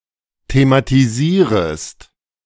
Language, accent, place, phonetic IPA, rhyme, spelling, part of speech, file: German, Germany, Berlin, [tematiˈziːʁəst], -iːʁəst, thematisierest, verb, De-thematisierest.ogg
- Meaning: second-person singular subjunctive I of thematisieren